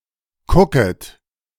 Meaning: second-person plural subjunctive I of kucken
- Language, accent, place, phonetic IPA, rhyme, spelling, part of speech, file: German, Germany, Berlin, [ˈkʊkət], -ʊkət, kucket, verb, De-kucket.ogg